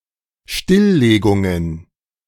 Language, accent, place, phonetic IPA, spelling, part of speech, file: German, Germany, Berlin, [ˈʃtɪlˌleːɡʊŋən], Stilllegungen, noun, De-Stilllegungen.ogg
- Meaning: plural of Stilllegung